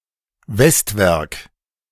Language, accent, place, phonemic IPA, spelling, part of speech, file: German, Germany, Berlin, /ˈvɛstvɛʁk/, Westwerk, noun, De-Westwerk.ogg
- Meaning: westwork (structure at the west end of some churches)